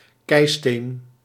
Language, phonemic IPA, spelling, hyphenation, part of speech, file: Dutch, /ˈkɛi̯ˌsteːn/, keisteen, kei‧steen, noun, Nl-keisteen.ogg
- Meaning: 1. cobblestone 2. flint